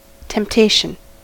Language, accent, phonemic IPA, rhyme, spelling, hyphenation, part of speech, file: English, US, /ˌtɛmpˈteɪʃən/, -eɪʃən, temptation, temp‧ta‧tion, noun, En-us-temptation.ogg
- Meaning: 1. The act of tempting 2. The condition of being tempted 3. Something attractive, tempting or seductive; an inducement, seducement, or enticement